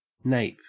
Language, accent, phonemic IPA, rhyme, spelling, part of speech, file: English, Australia, /neɪp/, -eɪp, nape, noun / verb, En-au-nape.ogg
- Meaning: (noun) 1. The back part of the neck 2. The part of a fish or bird immediately behind the head 3. A tablecloth 4. Napalm; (verb) To bombard with napalm